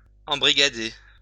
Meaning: to recruit; to rope in
- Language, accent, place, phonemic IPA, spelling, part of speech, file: French, France, Lyon, /ɑ̃.bʁi.ɡa.de/, embrigader, verb, LL-Q150 (fra)-embrigader.wav